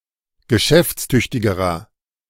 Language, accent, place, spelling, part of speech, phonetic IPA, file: German, Germany, Berlin, geschäftstüchtigerer, adjective, [ɡəˈʃɛft͡sˌtʏçtɪɡəʁɐ], De-geschäftstüchtigerer.ogg
- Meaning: inflection of geschäftstüchtig: 1. strong/mixed nominative masculine singular comparative degree 2. strong genitive/dative feminine singular comparative degree